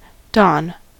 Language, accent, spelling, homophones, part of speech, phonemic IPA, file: English, US, don, Don, noun / verb, /dɑn/, En-us-don.ogg
- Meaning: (noun) 1. A university professor, particularly one at Oxford or Cambridge 2. An employee of a university residence who lives among the student residents